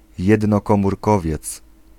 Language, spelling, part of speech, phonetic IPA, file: Polish, jednokomórkowiec, noun, [ˌjɛdnɔkɔ̃murˈkɔvʲjɛt͡s], Pl-jednokomórkowiec.ogg